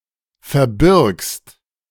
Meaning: second-person singular present of verbergen
- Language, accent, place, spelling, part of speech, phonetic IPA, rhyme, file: German, Germany, Berlin, verbirgst, verb, [fɛɐ̯ˈbɪʁkst], -ɪʁkst, De-verbirgst.ogg